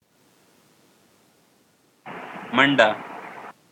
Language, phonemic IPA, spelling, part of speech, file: Pashto, /mənˈɖa/, منډه, noun, منډه.ogg
- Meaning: a run